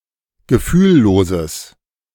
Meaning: strong/mixed nominative/accusative neuter singular of gefühllos
- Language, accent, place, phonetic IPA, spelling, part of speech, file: German, Germany, Berlin, [ɡəˈfyːlˌloːzəs], gefühlloses, adjective, De-gefühlloses.ogg